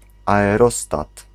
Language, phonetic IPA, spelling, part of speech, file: Polish, [ˌaɛˈrɔstat], aerostat, noun, Pl-aerostat.ogg